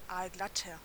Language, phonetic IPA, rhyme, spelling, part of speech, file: German, [ˈaːlˈɡlatɐ], -atɐ, aalglatter, adjective, De-aalglatter.ogg
- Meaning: 1. comparative degree of aalglatt 2. inflection of aalglatt: strong/mixed nominative masculine singular 3. inflection of aalglatt: strong genitive/dative feminine singular